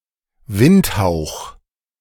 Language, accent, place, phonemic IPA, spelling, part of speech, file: German, Germany, Berlin, /ˈvɪntˌhaʊ̯x/, Windhauch, noun, De-Windhauch.ogg
- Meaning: 1. slight breeze 2. vanity; vanity of vanities (the futility of all earthly efforts, as in the philosophy of Ecclesiastes)